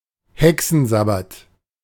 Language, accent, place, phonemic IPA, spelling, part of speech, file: German, Germany, Berlin, /ˈhɛksənˌzabat/, Hexensabbat, noun, De-Hexensabbat.ogg
- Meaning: 1. Sabbath, witches' Sabbath 2. bedlam, pandemonium